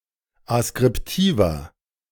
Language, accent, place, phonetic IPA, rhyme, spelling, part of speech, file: German, Germany, Berlin, [askʁɪpˈtiːvɐ], -iːvɐ, askriptiver, adjective, De-askriptiver.ogg
- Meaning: inflection of askriptiv: 1. strong/mixed nominative masculine singular 2. strong genitive/dative feminine singular 3. strong genitive plural